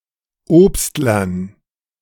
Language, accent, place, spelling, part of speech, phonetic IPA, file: German, Germany, Berlin, Obstlern, noun, [ˈoːpstlɐn], De-Obstlern.ogg
- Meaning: dative plural of Obstler